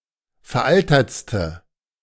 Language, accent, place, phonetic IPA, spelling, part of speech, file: German, Germany, Berlin, [fɛɐ̯ˈʔaltɐt͡stə], veraltertste, adjective, De-veraltertste.ogg
- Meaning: inflection of veraltert: 1. strong/mixed nominative/accusative feminine singular superlative degree 2. strong nominative/accusative plural superlative degree